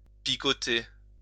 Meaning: 1. to peck 2. to bug, to pester, to annoy 3. to itch, to prickle 4. to tingle
- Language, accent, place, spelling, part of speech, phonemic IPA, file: French, France, Lyon, picoter, verb, /pi.kɔ.te/, LL-Q150 (fra)-picoter.wav